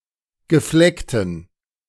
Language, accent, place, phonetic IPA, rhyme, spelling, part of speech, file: German, Germany, Berlin, [ɡəˈflɛktn̩], -ɛktn̩, gefleckten, adjective, De-gefleckten.ogg
- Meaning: inflection of gefleckt: 1. strong genitive masculine/neuter singular 2. weak/mixed genitive/dative all-gender singular 3. strong/weak/mixed accusative masculine singular 4. strong dative plural